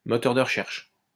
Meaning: search engine
- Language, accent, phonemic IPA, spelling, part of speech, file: French, France, /mɔ.tœʁ də ʁ(ə).ʃɛʁʃ/, moteur de recherche, noun, LL-Q150 (fra)-moteur de recherche.wav